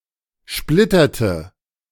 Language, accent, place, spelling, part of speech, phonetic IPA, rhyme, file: German, Germany, Berlin, splitterte, verb, [ˈʃplɪtɐtə], -ɪtɐtə, De-splitterte.ogg
- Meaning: inflection of splittern: 1. first/third-person singular preterite 2. first/third-person singular subjunctive II